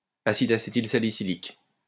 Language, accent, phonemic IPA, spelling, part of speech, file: French, France, /a.sid a.se.til.sa.li.si.lik/, acide acétylsalicylique, noun, LL-Q150 (fra)-acide acétylsalicylique.wav
- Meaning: acetylsalicylic acid (acetate ester of salicylic acid; aspirin)